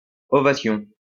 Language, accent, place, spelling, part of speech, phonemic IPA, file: French, France, Lyon, ovation, noun, /ɔ.va.sjɔ̃/, LL-Q150 (fra)-ovation.wav
- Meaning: ovation